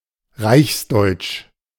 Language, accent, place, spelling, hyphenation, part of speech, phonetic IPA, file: German, Germany, Berlin, reichsdeutsch, reichs‧deutsch, adjective, [ˈʁaɪ̯çsˌdɔɪ̯t͡ʃ], De-reichsdeutsch.ogg
- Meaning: being (ethnically) German and residing in or being a citizen of Germany